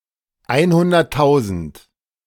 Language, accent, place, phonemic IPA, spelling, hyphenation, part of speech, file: German, Germany, Berlin, /ˈaɪ̯nhʊndɐtˌtaʊ̯zənt/, einhunderttausend, ein‧hun‧dert‧tau‧send, numeral, De-einhunderttausend.ogg
- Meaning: one hundred thousand